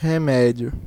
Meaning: 1. medicine (substance which promotes healing) 2. remedy (something that corrects or counteracts) 3. alcoholic beverages
- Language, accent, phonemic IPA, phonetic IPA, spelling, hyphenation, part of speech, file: Portuguese, Brazil, /ʁeˈmɛ.d͡ʒju/, [heˈmɛ.d͡ʒju], remédio, re‧mé‧di‧o, noun, Pt-br-remédio.ogg